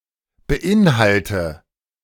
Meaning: inflection of beinhalten: 1. first-person singular present 2. first/third-person singular subjunctive I 3. singular imperative
- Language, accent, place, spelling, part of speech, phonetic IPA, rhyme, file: German, Germany, Berlin, beinhalte, verb, [bəˈʔɪnˌhaltə], -ɪnhaltə, De-beinhalte.ogg